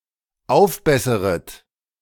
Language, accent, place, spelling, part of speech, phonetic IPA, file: German, Germany, Berlin, aufbesseret, verb, [ˈaʊ̯fˌbɛsəʁət], De-aufbesseret.ogg
- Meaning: second-person plural dependent subjunctive I of aufbessern